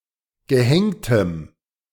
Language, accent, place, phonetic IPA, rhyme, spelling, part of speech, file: German, Germany, Berlin, [ɡəˈhɛŋtəm], -ɛŋtəm, gehängtem, adjective, De-gehängtem.ogg
- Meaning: strong dative masculine/neuter singular of gehängt